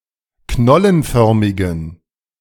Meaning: inflection of knollenförmig: 1. strong genitive masculine/neuter singular 2. weak/mixed genitive/dative all-gender singular 3. strong/weak/mixed accusative masculine singular 4. strong dative plural
- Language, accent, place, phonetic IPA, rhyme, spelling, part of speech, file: German, Germany, Berlin, [ˈknɔlənˌfœʁmɪɡn̩], -ɔlənfœʁmɪɡn̩, knollenförmigen, adjective, De-knollenförmigen.ogg